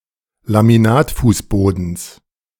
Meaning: genitive singular of Laminatfußboden
- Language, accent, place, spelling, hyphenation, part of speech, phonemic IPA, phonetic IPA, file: German, Germany, Berlin, Laminatfußbodens, La‧mi‧nat‧fuß‧bo‧dens, noun, /lamiˈnaːtˌfuːsboːdəns/, [lamiˈnaːtˌfuːsboːdn̩s], De-Laminatfußbodens.ogg